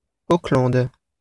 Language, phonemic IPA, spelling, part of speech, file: French, /o.klɑ̃d/, Auckland, proper noun, Fr-Auckland.wav
- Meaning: Auckland (a city in New Zealand)